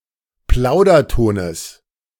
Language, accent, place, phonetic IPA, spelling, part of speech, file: German, Germany, Berlin, [ˈplaʊ̯dɐˌtoːnəs], Plaudertones, noun, De-Plaudertones.ogg
- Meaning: genitive of Plauderton